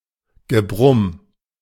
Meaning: growling, humming
- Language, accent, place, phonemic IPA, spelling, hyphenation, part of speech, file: German, Germany, Berlin, /ɡəˈbʁʊm/, Gebrumm, Ge‧brumm, noun, De-Gebrumm.ogg